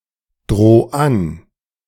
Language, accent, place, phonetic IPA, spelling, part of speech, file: German, Germany, Berlin, [ˌdʁoː ˈan], droh an, verb, De-droh an.ogg
- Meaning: 1. singular imperative of androhen 2. first-person singular present of androhen